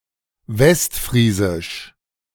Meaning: West Frisian
- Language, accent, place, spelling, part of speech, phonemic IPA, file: German, Germany, Berlin, westfriesisch, adjective, /ˈvɛstˌfʁiːzɪʃ/, De-westfriesisch.ogg